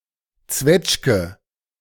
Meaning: 1. plum (fruit) 2. freestone damson (Prunus domestica subsp. domestica) 3. coochie, quim
- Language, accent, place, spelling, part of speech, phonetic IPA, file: German, Germany, Berlin, Zwetschge, noun, [ˈtsvɛtʃ.ɡə], De-Zwetschge.ogg